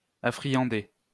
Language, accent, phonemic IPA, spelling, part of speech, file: French, France, /a.fʁi.jɑ̃.de/, affriander, verb, LL-Q150 (fra)-affriander.wav
- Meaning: 1. to improve the taste of; to make delicious 2. to tempt using something tasty or profitable